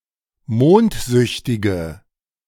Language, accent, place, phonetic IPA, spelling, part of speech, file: German, Germany, Berlin, [ˈmoːntˌzʏçtɪɡə], mondsüchtige, adjective, De-mondsüchtige.ogg
- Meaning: inflection of mondsüchtig: 1. strong/mixed nominative/accusative feminine singular 2. strong nominative/accusative plural 3. weak nominative all-gender singular